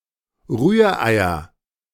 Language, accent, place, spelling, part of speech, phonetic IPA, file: German, Germany, Berlin, Rühreier, noun, [ˈʁyːɐ̯ˌʔaɪ̯ɐ], De-Rühreier.ogg
- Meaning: nominative/accusative/genitive plural of Rührei